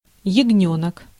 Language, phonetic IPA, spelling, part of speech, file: Russian, [(j)ɪɡˈnʲɵnək], ягнёнок, noun, Ru-ягнёнок.ogg
- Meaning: lamb